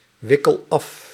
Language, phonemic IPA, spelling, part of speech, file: Dutch, /ˈwɪkəl ˈɑf/, wikkel af, verb, Nl-wikkel af.ogg
- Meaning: inflection of afwikkelen: 1. first-person singular present indicative 2. second-person singular present indicative 3. imperative